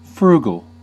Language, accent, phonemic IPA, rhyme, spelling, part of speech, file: English, US, /ˈfɹuːɡəl/, -uːɡəl, frugal, adjective, En-us-frugal.ogg
- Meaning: 1. Careful or wise in expenditure; avoiding waste 2. Obtained by or characterized by frugality